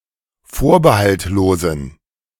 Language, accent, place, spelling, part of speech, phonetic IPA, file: German, Germany, Berlin, vorbehaltlosen, adjective, [ˈfoːɐ̯bəhaltˌloːzn̩], De-vorbehaltlosen.ogg
- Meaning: inflection of vorbehaltlos: 1. strong genitive masculine/neuter singular 2. weak/mixed genitive/dative all-gender singular 3. strong/weak/mixed accusative masculine singular 4. strong dative plural